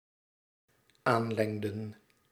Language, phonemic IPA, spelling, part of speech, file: Dutch, /ˈanlɛŋdə(n)/, aanlengden, verb, Nl-aanlengden.ogg
- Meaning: inflection of aanlengen: 1. plural dependent-clause past indicative 2. plural dependent-clause past subjunctive